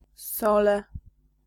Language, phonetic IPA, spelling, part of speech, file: Polish, [ˈsɔlɛ], sole, noun, Pl-sole.ogg